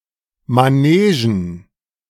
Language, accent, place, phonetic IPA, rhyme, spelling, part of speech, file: German, Germany, Berlin, [maˈneːʒn̩], -eːʒn̩, Manegen, noun, De-Manegen.ogg
- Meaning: plural of Manege